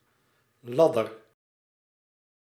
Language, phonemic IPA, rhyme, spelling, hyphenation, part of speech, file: Dutch, /ˈlɑ.dər/, -ɑdər, ladder, lad‧der, noun, Nl-ladder.ogg
- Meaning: 1. a ladder 2. a ladder, a run (length of unravelled fabric)